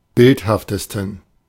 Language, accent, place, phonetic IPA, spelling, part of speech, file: German, Germany, Berlin, [ˈbɪlthaftəstn̩], bildhaftesten, adjective, De-bildhaftesten.ogg
- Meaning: 1. superlative degree of bildhaft 2. inflection of bildhaft: strong genitive masculine/neuter singular superlative degree